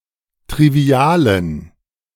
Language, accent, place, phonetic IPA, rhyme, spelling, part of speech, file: German, Germany, Berlin, [tʁiˈvi̯aːlən], -aːlən, trivialen, adjective, De-trivialen.ogg
- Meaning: inflection of trivial: 1. strong genitive masculine/neuter singular 2. weak/mixed genitive/dative all-gender singular 3. strong/weak/mixed accusative masculine singular 4. strong dative plural